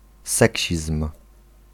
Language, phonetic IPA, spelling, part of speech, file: Polish, [ˈsɛcɕism̥], seksizm, noun, Pl-seksizm.ogg